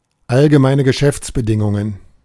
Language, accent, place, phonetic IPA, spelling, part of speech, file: German, Germany, Berlin, [alɡəˈmaɪ̯nə ɡəˈʃɛft͡sbəˌdɪŋʊŋən], Allgemeine Geschäftsbedingungen, phrase, De-Allgemeine Geschäftsbedingungen.ogg
- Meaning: general business conditions, terms and conditions